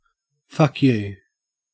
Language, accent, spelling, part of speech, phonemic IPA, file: English, Australia, fuck you, phrase / noun, /ˈfɐk‿ˌjʉː/, En-au-fuck you.ogg
- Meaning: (phrase) 1. Expresses discontent or contempt 2. Go away; go to hell 3. Used other than figuratively or idiomatically: see fuck, you; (noun) An insulting and humiliating action against somebody